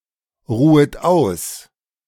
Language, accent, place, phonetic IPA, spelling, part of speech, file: German, Germany, Berlin, [ˌʁuːət ˈaʊ̯s], ruhet aus, verb, De-ruhet aus.ogg
- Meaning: second-person plural subjunctive I of ausruhen